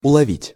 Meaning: 1. to detect, to catch, to perceive 2. to locate, to pick up, to receive 3. to catch, to understand
- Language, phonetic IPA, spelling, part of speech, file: Russian, [ʊɫɐˈvʲitʲ], уловить, verb, Ru-уловить.ogg